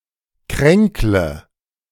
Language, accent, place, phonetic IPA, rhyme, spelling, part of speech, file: German, Germany, Berlin, [ˈkʁɛŋklə], -ɛŋklə, kränkle, verb, De-kränkle.ogg
- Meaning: inflection of kränkeln: 1. first-person singular present 2. first/third-person singular subjunctive I 3. singular imperative